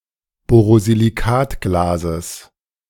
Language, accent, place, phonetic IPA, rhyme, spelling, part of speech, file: German, Germany, Berlin, [ˌboːʁoziliˈkaːtɡlaːzəs], -aːtɡlaːzəs, Borosilikatglases, noun, De-Borosilikatglases.ogg
- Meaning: genitive singular of Borosilikatglas